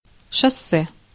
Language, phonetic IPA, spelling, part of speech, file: Russian, [ʂɐˈsːɛ], шоссе, noun, Ru-шоссе.ogg
- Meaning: motorway; highway; freeway